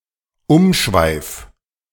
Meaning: circumlocution
- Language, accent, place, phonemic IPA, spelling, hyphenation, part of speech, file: German, Germany, Berlin, /ˈʊmˌʃvaɪ̯f/, Umschweif, Um‧schweif, noun, De-Umschweif.ogg